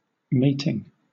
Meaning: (adjective) Fitting into or onto a corresponding part, as a matched plug and socket; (noun) 1. Pairing of organisms for copulation 2. Sexual union; copulation
- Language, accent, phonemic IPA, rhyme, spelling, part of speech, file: English, Southern England, /ˈmeɪtɪŋ/, -eɪtɪŋ, mating, adjective / noun / verb, LL-Q1860 (eng)-mating.wav